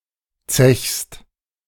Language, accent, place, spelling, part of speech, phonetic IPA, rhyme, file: German, Germany, Berlin, zechst, verb, [t͡sɛçst], -ɛçst, De-zechst.ogg
- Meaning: second-person singular present of zechen